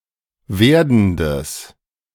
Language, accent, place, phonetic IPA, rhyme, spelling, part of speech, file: German, Germany, Berlin, [ˈveːɐ̯dn̩dəs], -eːɐ̯dn̩dəs, werdendes, adjective, De-werdendes.ogg
- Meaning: strong/mixed nominative/accusative neuter singular of werdend